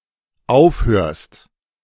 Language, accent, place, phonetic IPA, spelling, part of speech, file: German, Germany, Berlin, [ˈaʊ̯fˌhøːɐ̯st], aufhörst, verb, De-aufhörst.ogg
- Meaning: second-person singular dependent present of aufhören